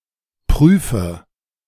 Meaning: inflection of prüfen: 1. first-person singular present 2. first/third-person singular subjunctive I 3. singular imperative
- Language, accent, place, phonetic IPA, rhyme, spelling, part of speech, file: German, Germany, Berlin, [ˈpʁyːfə], -yːfə, prüfe, verb, De-prüfe.ogg